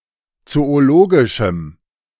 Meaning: strong dative masculine/neuter singular of zoologisch
- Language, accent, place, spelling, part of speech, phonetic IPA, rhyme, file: German, Germany, Berlin, zoologischem, adjective, [ˌt͡sooˈloːɡɪʃm̩], -oːɡɪʃm̩, De-zoologischem.ogg